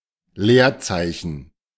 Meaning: 1. space (gap between written characters) 2. white space
- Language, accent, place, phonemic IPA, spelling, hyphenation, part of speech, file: German, Germany, Berlin, /ˈleːɐ̯ˌtsaɪ̯çən/, Leerzeichen, Leer‧zei‧chen, noun, De-Leerzeichen.ogg